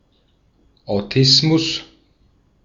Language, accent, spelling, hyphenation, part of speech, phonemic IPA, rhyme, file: German, Austria, Autismus, Au‧tis‧mus, noun, /aʊ̯ˈtɪsmʊs/, -ɪsmʊs, De-at-Autismus.ogg
- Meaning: autism